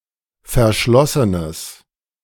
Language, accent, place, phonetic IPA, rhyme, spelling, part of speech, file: German, Germany, Berlin, [fɛɐ̯ˈʃlɔsənəs], -ɔsənəs, verschlossenes, adjective, De-verschlossenes.ogg
- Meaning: strong/mixed nominative/accusative neuter singular of verschlossen